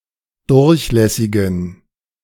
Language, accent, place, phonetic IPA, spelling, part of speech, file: German, Germany, Berlin, [ˈdʊʁçˌlɛsɪɡn̩], durchlässigen, adjective, De-durchlässigen.ogg
- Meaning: inflection of durchlässig: 1. strong genitive masculine/neuter singular 2. weak/mixed genitive/dative all-gender singular 3. strong/weak/mixed accusative masculine singular 4. strong dative plural